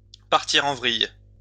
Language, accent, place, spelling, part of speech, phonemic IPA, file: French, France, Lyon, partir en vrille, verb, /paʁ.ti.ʁ‿ɑ̃ vʁij/, LL-Q150 (fra)-partir en vrille.wav
- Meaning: to go awry, to hit the fan, to go pear-shaped